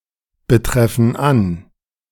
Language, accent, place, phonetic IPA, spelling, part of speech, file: German, Germany, Berlin, [bəˌtʁɛfn̩ ˈan], betreffen an, verb, De-betreffen an.ogg
- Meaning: inflection of anbetreffen: 1. first/third-person plural present 2. first/third-person plural subjunctive I